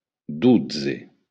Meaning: twelve
- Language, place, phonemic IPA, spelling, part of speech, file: Occitan, Béarn, /ˈdu.d͡ze/, dotze, numeral, LL-Q14185 (oci)-dotze.wav